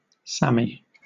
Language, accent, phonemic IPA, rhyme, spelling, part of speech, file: English, Southern England, /ˈsæmi/, -æmi, Sammy, noun / proper noun, LL-Q1860 (eng)-Sammy.wav
- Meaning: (noun) Synonym of Samoyed (a breed of dog); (proper noun) 1. A diminutive of the male given name Samuel 2. A diminutive of the female given name Samantha 3. Samsung Electronics